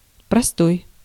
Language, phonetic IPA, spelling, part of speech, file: Russian, [prɐˈstoj], простой, adjective / noun / verb, Ru-простой.ogg
- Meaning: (adjective) 1. simple, ordinary 2. basic 3. prime 4. simple, simplex; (noun) standstill, stoppage, idle time, downtime; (verb) second-person singular imperative perfective of простоя́ть (prostojátʹ)